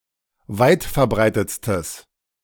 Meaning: strong/mixed nominative/accusative neuter singular superlative degree of weitverbreitet
- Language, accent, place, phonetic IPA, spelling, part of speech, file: German, Germany, Berlin, [ˈvaɪ̯tfɛɐ̯ˌbʁaɪ̯tət͡stəs], weitverbreitetstes, adjective, De-weitverbreitetstes.ogg